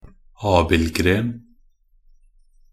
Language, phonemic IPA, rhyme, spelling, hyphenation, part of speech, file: Norwegian Bokmål, /ˈɑːbɪlɡreːn/, -eːn, abildgren, ab‧ild‧gren, noun, Nb-abildgren.ogg
- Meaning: a branch of an apple tree